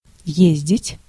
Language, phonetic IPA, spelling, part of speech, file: Russian, [ˈjezʲdʲɪtʲ], ездить, verb, Ru-ездить.ogg
- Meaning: 1. to go (by horse or vehicle), to ride, to drive 2. to come, to visit 3. to travel